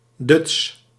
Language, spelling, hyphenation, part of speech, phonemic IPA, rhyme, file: Dutch, duts, duts, noun, /dʏts/, -ʏts, Nl-duts.ogg
- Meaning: a fool, tosser, dumbass